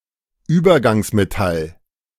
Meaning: transition metal
- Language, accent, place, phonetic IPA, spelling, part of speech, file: German, Germany, Berlin, [ˈyːbɐɡaŋsmeˌtal], Übergangsmetall, noun, De-Übergangsmetall.ogg